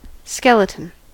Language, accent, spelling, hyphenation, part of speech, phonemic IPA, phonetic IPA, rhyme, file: English, General American, skeleton, skel‧e‧ton, noun / verb, /ˈskɛlətən/, [ˈskɛləʔn̩], -ɛlətən, En-us-skeleton.ogg
- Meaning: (noun) The system that provides support to an organism, where in vertebrates it is internal and consists of bones and cartilage, and external in some other animals